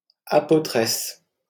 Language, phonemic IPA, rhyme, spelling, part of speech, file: French, /a.po.tʁɛs/, -ɛs, apôtresse, noun, LL-Q150 (fra)-apôtresse.wav
- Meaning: female equivalent of apôtre